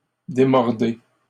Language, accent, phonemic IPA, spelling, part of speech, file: French, Canada, /de.mɔʁ.de/, démordez, verb, LL-Q150 (fra)-démordez.wav
- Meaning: inflection of démordre: 1. second-person plural present indicative 2. second-person plural imperative